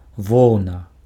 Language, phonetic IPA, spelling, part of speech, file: Belarusian, [ˈvou̯na], воўна, noun, Be-воўна.ogg
- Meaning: wool